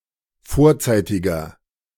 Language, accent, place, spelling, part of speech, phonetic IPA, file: German, Germany, Berlin, vorzeitiger, adjective, [ˈfoːɐ̯ˌt͡saɪ̯tɪɡɐ], De-vorzeitiger.ogg
- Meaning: inflection of vorzeitig: 1. strong/mixed nominative masculine singular 2. strong genitive/dative feminine singular 3. strong genitive plural